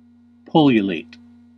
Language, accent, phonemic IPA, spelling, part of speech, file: English, US, /ˈpʌl.jʊ.leɪt/, pullulate, verb, En-us-pullulate.ogg
- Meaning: 1. To multiply rapidly 2. To germinate 3. To teem with; to be filled (with)